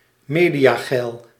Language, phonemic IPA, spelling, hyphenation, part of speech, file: Dutch, /ˈmeː.di.aːˌɣɛi̯l/, mediageil, me‧dia‧geil, adjective, Nl-mediageil.ogg
- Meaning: eager to appear in the media